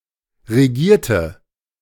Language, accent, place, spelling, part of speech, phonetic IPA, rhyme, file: German, Germany, Berlin, regierte, adjective / verb, [ʁeˈɡiːɐ̯tə], -iːɐ̯tə, De-regierte.ogg
- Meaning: inflection of regieren: 1. first/third-person singular preterite 2. first/third-person singular subjunctive II